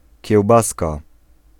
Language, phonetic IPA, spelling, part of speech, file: Polish, [cɛwˈbaska], kiełbaska, noun, Pl-kiełbaska.ogg